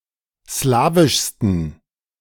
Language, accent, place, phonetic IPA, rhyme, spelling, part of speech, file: German, Germany, Berlin, [ˈslaːvɪʃstn̩], -aːvɪʃstn̩, slawischsten, adjective, De-slawischsten.ogg
- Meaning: 1. superlative degree of slawisch 2. inflection of slawisch: strong genitive masculine/neuter singular superlative degree